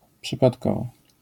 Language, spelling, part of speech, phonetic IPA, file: Polish, przypadkowo, adverb, [ˌpʃɨpatˈkɔvɔ], LL-Q809 (pol)-przypadkowo.wav